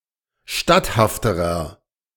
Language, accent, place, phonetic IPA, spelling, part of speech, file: German, Germany, Berlin, [ˈʃtathaftəʁɐ], statthafterer, adjective, De-statthafterer.ogg
- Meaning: inflection of statthaft: 1. strong/mixed nominative masculine singular comparative degree 2. strong genitive/dative feminine singular comparative degree 3. strong genitive plural comparative degree